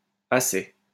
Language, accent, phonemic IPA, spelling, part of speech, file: French, France, /a.saj/, assai, adverb, LL-Q150 (fra)-assai.wav
- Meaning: assai